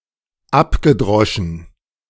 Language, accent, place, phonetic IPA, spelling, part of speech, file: German, Germany, Berlin, [ˈapɡəˌdʁɔʃn̩], abgedroschen, verb, De-abgedroschen.ogg
- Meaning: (verb) past participle of abdreschen; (adjective) hackneyed, trite, corny, worn out